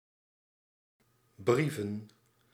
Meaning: plural of brief
- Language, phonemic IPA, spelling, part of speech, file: Dutch, /ˈbrivə(n)/, brieven, verb / noun, Nl-brieven.ogg